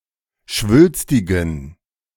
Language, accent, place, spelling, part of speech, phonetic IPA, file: German, Germany, Berlin, schwülstigen, adjective, [ˈʃvʏlstɪɡn̩], De-schwülstigen.ogg
- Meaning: inflection of schwülstig: 1. strong genitive masculine/neuter singular 2. weak/mixed genitive/dative all-gender singular 3. strong/weak/mixed accusative masculine singular 4. strong dative plural